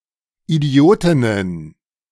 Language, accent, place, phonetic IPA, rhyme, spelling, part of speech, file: German, Germany, Berlin, [iˈdi̯oːtɪnən], -oːtɪnən, Idiotinnen, noun, De-Idiotinnen.ogg
- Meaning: plural of Idiotin